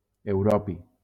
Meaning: europium
- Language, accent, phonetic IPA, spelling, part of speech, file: Catalan, Valencia, [ewˈɾɔ.pi], europi, noun, LL-Q7026 (cat)-europi.wav